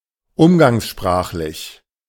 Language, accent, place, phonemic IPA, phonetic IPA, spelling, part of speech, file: German, Germany, Berlin, /ˈʊmɡaŋsˌʃpʁaːχlɪç/, [ˈʔʊmɡaŋsˌʃpʁaːχlɪç], umgangssprachlich, adjective, De-umgangssprachlich.ogg
- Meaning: 1. colloquial (informal but within standard language norms) 2. vernacular, non-standard (non-standard usage)